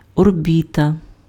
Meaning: 1. orbit 2. orbit (sphere of influence) 3. eye socket, orbit
- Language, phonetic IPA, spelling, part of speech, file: Ukrainian, [orˈbʲitɐ], орбіта, noun, Uk-орбіта.ogg